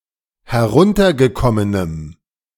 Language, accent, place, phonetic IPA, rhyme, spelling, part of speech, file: German, Germany, Berlin, [hɛˈʁʊntɐɡəˌkɔmənəm], -ʊntɐɡəkɔmənəm, heruntergekommenem, adjective, De-heruntergekommenem.ogg
- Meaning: strong dative masculine/neuter singular of heruntergekommen